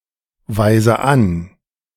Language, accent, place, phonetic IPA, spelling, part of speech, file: German, Germany, Berlin, [vaɪ̯zə ˈan], weise an, verb, De-weise an.ogg
- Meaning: inflection of anweisen: 1. first-person singular present 2. first/third-person singular subjunctive I 3. singular imperative